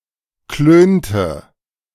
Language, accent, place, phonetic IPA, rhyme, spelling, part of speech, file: German, Germany, Berlin, [ˈkløːntə], -øːntə, klönte, verb, De-klönte.ogg
- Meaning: inflection of klönen: 1. first/third-person singular preterite 2. first/third-person singular subjunctive II